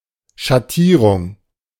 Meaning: shade, hue
- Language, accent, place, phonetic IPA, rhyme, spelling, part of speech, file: German, Germany, Berlin, [ʃaˈtiːʁʊŋ], -iːʁʊŋ, Schattierung, noun, De-Schattierung.ogg